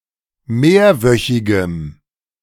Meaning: strong dative masculine/neuter singular of mehrwöchig
- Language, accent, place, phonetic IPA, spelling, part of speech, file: German, Germany, Berlin, [ˈmeːɐ̯ˌvœçɪɡəm], mehrwöchigem, adjective, De-mehrwöchigem.ogg